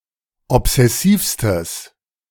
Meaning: strong/mixed nominative/accusative neuter singular superlative degree of obsessiv
- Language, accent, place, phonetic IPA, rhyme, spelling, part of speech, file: German, Germany, Berlin, [ɔpz̥ɛˈsiːfstəs], -iːfstəs, obsessivstes, adjective, De-obsessivstes.ogg